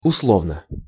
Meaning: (adverb) tentatively, conditionally; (adjective) short neuter singular of усло́вный (uslóvnyj)
- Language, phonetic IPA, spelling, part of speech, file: Russian, [ʊsˈɫovnə], условно, adverb / adjective, Ru-условно.ogg